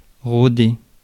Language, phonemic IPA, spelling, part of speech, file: French, /ʁo.de/, rôder, verb, Fr-rôder.ogg
- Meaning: 1. to loiter, prowl, move about suspiciously or hostilely 2. to wander 3. misspelling of roder